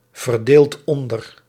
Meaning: inflection of onderverdelen: 1. second/third-person singular present indicative 2. plural imperative
- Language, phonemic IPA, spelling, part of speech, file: Dutch, /vərˈdelt ˈɔndər/, verdeelt onder, verb, Nl-verdeelt onder.ogg